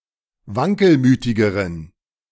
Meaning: inflection of wankelmütig: 1. strong genitive masculine/neuter singular comparative degree 2. weak/mixed genitive/dative all-gender singular comparative degree
- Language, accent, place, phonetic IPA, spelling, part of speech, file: German, Germany, Berlin, [ˈvaŋkəlˌmyːtɪɡəʁən], wankelmütigeren, adjective, De-wankelmütigeren.ogg